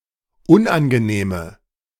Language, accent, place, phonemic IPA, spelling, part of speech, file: German, Germany, Berlin, /ˈʊnʔanɡəˌneːmə/, unangenehme, adjective, De-unangenehme.ogg
- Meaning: inflection of unangenehm: 1. strong/mixed nominative/accusative feminine singular 2. strong nominative/accusative plural 3. weak nominative all-gender singular